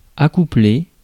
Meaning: 1. to pair up, go together, get into a couple (of two things, to become one) 2. to unite, put together, join (of two things, to cause to become one) 3. to mate
- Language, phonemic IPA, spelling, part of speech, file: French, /a.ku.ple/, accoupler, verb, Fr-accoupler.ogg